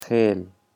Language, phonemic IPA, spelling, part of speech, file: Pashto, /xel/, خېل, noun, خېل.ogg
- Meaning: 1. tribe, clan 2. tribesman, clansman 3. kind, species